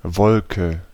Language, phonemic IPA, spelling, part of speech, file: German, /ˈvɔlkə/, Wolke, noun, De-Wolke.ogg
- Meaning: 1. cloud (a visible mass of water droplets suspended in the air) 2. cloud, made of steam, ash, smoke or anything that resembles such a mass (may also be Schwaden or Schwade in this sense)